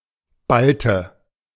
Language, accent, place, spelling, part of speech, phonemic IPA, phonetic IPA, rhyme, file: German, Germany, Berlin, Balte, noun, /ˈbaltə/, [ˈbaltə], -altə, De-Balte.ogg
- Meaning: a Balt; a member of a Baltic people